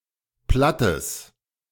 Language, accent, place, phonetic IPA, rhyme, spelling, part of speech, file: German, Germany, Berlin, [ˈplatəs], -atəs, plattes, adjective, De-plattes.ogg
- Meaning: strong/mixed nominative/accusative neuter singular of platt